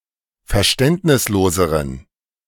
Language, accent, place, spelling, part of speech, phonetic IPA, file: German, Germany, Berlin, verständnisloseren, adjective, [fɛɐ̯ˈʃtɛntnɪsˌloːzəʁən], De-verständnisloseren.ogg
- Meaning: inflection of verständnislos: 1. strong genitive masculine/neuter singular comparative degree 2. weak/mixed genitive/dative all-gender singular comparative degree